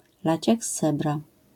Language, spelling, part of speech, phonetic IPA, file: Polish, lać jak z cebra, phrase, [ˈlat͡ɕ ˈjak ˈs‿t͡sɛbra], LL-Q809 (pol)-lać jak z cebra.wav